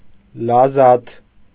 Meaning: gusto, relish, enjoyment
- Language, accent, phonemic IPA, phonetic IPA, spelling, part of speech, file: Armenian, Eastern Armenian, /lɑˈzɑtʰ/, [lɑzɑ́tʰ], լազաթ, noun, Hy-լազաթ.ogg